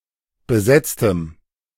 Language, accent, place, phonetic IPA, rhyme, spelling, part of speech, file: German, Germany, Berlin, [bəˈzɛt͡stəm], -ɛt͡stəm, besetztem, adjective, De-besetztem.ogg
- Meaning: strong dative masculine/neuter singular of besetzt